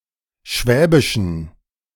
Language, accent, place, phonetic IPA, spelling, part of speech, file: German, Germany, Berlin, [ˈʃvɛːbɪʃn̩], schwäbischen, adjective, De-schwäbischen.ogg
- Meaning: inflection of schwäbisch: 1. strong genitive masculine/neuter singular 2. weak/mixed genitive/dative all-gender singular 3. strong/weak/mixed accusative masculine singular 4. strong dative plural